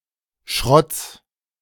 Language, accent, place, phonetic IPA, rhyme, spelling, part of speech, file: German, Germany, Berlin, [ʃʁɔt͡s], -ɔt͡s, Schrotts, noun, De-Schrotts.ogg
- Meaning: genitive singular of Schrott